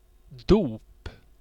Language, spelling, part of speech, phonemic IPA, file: Swedish, dop, noun, /duːp/, Sv-dop.ogg
- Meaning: baptism, christening